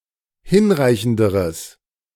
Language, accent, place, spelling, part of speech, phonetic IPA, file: German, Germany, Berlin, hinreichenderes, adjective, [ˈhɪnˌʁaɪ̯çn̩dəʁəs], De-hinreichenderes.ogg
- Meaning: strong/mixed nominative/accusative neuter singular comparative degree of hinreichend